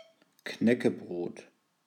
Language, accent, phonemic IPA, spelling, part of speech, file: German, Germany, /ˈknɛkəˌbroːt/, Knäckebrot, noun, De-Knäckebrot.ogg
- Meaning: crispbread